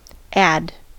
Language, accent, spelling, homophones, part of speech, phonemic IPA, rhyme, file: English, US, add, ad, verb / noun, /æd/, -æd, En-us-add.ogg
- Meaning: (verb) To join or unite (e.g. one thing to another, or as several particulars) so as to increase the number, augment the quantity, or enlarge the magnitude, or so as to form into one aggregate